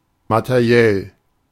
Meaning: material
- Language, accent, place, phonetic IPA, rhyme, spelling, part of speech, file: German, Germany, Berlin, [matəˈʁi̯ɛl], -ɛl, materiell, adjective, De-materiell.ogg